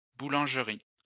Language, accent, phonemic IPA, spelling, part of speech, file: French, France, /bu.lɑ̃ʒ.ʁi/, boulangeries, noun, LL-Q150 (fra)-boulangeries.wav
- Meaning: plural of boulangerie